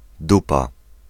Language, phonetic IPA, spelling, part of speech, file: Polish, [ˈdupa], dupa, noun / interjection, Pl-dupa.ogg